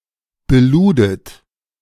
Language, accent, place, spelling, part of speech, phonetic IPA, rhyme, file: German, Germany, Berlin, beludet, verb, [bəˈluːdət], -uːdət, De-beludet.ogg
- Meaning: second-person plural preterite of beladen